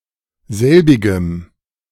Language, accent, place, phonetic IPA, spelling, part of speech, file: German, Germany, Berlin, [ˈzɛlbɪɡəm], selbigem, pronoun, De-selbigem.ogg
- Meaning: strong dative masculine/neuter singular of selbig